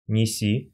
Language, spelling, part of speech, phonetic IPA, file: Russian, неси, verb, [nʲɪˈsʲi], Ru-неси́.ogg
- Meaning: second-person singular imperative imperfective of нести́ (nestí)